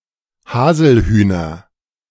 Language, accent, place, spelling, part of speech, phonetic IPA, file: German, Germany, Berlin, Haselhühner, noun, [ˈhaːzl̩ˌhyːnɐ], De-Haselhühner.ogg
- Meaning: nominative/accusative/genitive plural of Haselhuhn